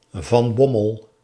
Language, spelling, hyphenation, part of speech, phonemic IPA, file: Dutch, van Bommel, van Bom‧mel, proper noun, /vɑn ˈbɔ.məl/, Nl-van Bommel.ogg
- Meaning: a surname